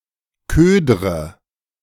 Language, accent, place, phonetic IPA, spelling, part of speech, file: German, Germany, Berlin, [ˈkøːdʁə], ködre, verb, De-ködre.ogg
- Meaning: inflection of ködern: 1. first-person singular present 2. first/third-person singular subjunctive I 3. singular imperative